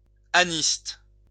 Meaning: anhistous
- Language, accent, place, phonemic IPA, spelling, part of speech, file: French, France, Lyon, /a.nist/, anhiste, adjective, LL-Q150 (fra)-anhiste.wav